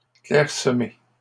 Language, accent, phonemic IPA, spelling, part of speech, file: French, Canada, /klɛʁ.sə.me/, clairsemés, adjective, LL-Q150 (fra)-clairsemés.wav
- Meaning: masculine plural of clairsemé